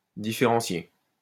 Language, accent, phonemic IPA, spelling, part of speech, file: French, France, /di.fe.ʁɑ̃.sje/, différencier, verb, LL-Q150 (fra)-différencier.wav
- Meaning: to differentiate (all senses), distinguish